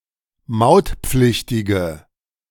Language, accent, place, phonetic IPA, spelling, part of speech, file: German, Germany, Berlin, [ˈmaʊ̯tˌp͡flɪçtɪɡə], mautpflichtige, adjective, De-mautpflichtige.ogg
- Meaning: inflection of mautpflichtig: 1. strong/mixed nominative/accusative feminine singular 2. strong nominative/accusative plural 3. weak nominative all-gender singular